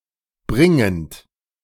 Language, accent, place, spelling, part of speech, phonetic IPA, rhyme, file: German, Germany, Berlin, bringend, verb, [ˈbʁɪŋənt], -ɪŋənt, De-bringend.ogg
- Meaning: present participle of bringen